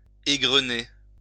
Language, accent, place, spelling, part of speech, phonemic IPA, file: French, France, Lyon, égrener, verb, /e.ɡʁə.ne/, LL-Q150 (fra)-égrener.wav
- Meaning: 1. to shell, pod (maize, peas, wheat etc.) 2. to gin (cotton) 3. to ripple (flax) 4. to drop off the stalk or bunch 5. to dish out 6. to rattle off, go through (a list), tick away (time)